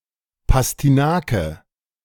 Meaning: parsnip
- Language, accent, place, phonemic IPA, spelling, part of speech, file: German, Germany, Berlin, /pastiˈnaːkə/, Pastinake, noun, De-Pastinake.ogg